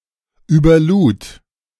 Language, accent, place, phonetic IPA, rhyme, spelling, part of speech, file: German, Germany, Berlin, [yːbɐˈluːt], -uːt, überlud, verb, De-überlud.ogg
- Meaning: first/third-person singular preterite of überladen